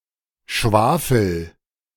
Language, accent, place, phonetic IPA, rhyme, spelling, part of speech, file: German, Germany, Berlin, [ˈʃvaːfl̩], -aːfl̩, schwafel, verb, De-schwafel.ogg
- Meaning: inflection of schwafeln: 1. first-person singular present 2. singular imperative